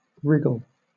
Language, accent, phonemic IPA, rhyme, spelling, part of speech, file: English, Southern England, /ˈɹɪɡəl/, -ɪɡəl, wriggle, verb / noun, LL-Q1860 (eng)-wriggle.wav
- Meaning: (verb) 1. To twist one's body to and fro with short, writhing motions; to squirm 2. To cause something to wriggle 3. To use crooked or devious means; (noun) A wriggling movement